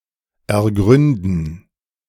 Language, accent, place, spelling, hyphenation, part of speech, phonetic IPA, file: German, Germany, Berlin, ergründen, er‧grün‧den, verb, [ɛɐ̯ˈɡʁʏndn̩], De-ergründen.ogg
- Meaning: to fathom, get to the bottom of